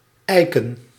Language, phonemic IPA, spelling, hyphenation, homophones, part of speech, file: Dutch, /ˈɛi̯.kə(n)/, eiken, ei‧ken, ijken, adjective / noun, Nl-eiken.ogg
- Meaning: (adjective) oaken; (noun) plural of eik